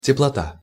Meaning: 1. heat (as a form of energy) 2. warmth (cordiality or kindness)
- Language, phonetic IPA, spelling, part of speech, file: Russian, [tʲɪpɫɐˈta], теплота, noun, Ru-теплота.ogg